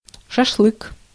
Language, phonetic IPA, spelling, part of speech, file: Russian, [ʂɐʂˈɫɨk], шашлык, noun, Ru-шашлык.ogg
- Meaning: shashlik (skewered dish)